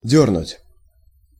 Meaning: 1. to pull, to tug 2. to pull out 3. to twitch, to throb, to twinge 4. to move sharply, to jerk 5. to disturb 6. to drink, to knock back 7. to set out, to go out
- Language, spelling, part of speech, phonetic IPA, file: Russian, дёрнуть, verb, [ˈdʲɵrnʊtʲ], Ru-дёрнуть.ogg